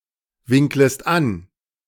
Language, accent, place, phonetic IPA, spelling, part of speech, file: German, Germany, Berlin, [ˌvɪŋkləst ˈan], winklest an, verb, De-winklest an.ogg
- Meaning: second-person singular subjunctive I of anwinkeln